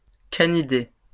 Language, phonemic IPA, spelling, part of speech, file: French, /ka.ni.de/, canidé, noun, LL-Q150 (fra)-canidé.wav
- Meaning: a member of the Canidae family, canid